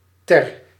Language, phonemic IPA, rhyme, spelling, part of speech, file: Dutch, /tɛr/, -ɛr, ter, contraction, Nl-ter.ogg
- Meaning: 1. for, for the (followed by a feminine singular noun, e.g., one ending in -ing) 2. in the